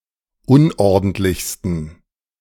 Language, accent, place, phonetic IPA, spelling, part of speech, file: German, Germany, Berlin, [ˈʊnʔɔʁdn̩tlɪçstn̩], unordentlichsten, adjective, De-unordentlichsten.ogg
- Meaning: 1. superlative degree of unordentlich 2. inflection of unordentlich: strong genitive masculine/neuter singular superlative degree